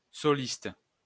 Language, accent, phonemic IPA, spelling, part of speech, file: French, France, /sɔ.list/, soliste, noun, LL-Q150 (fra)-soliste.wav
- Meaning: soloist